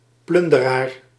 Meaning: a pillager, a plunderer
- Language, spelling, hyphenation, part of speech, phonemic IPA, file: Dutch, plunderaar, plun‧de‧raar, noun, /ˈplʏn.dəˌraːr/, Nl-plunderaar.ogg